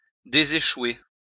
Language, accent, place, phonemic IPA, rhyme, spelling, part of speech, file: French, France, Lyon, /de.ze.ʃwe/, -we, déséchouer, verb, LL-Q150 (fra)-déséchouer.wav
- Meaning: to get afloat